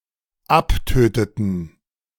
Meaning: inflection of abtöten: 1. first/third-person plural dependent preterite 2. first/third-person plural dependent subjunctive II
- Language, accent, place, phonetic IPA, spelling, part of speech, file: German, Germany, Berlin, [ˈapˌtøːtətn̩], abtöteten, verb, De-abtöteten.ogg